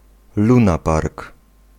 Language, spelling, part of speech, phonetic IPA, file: Polish, lunapark, noun, [lũˈnapark], Pl-lunapark.ogg